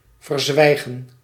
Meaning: to hold back, suppress, or conceal information; to keep quiet about something
- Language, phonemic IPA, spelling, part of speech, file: Dutch, /vərˈzwɛiɣə(n)/, verzwijgen, verb, Nl-verzwijgen.ogg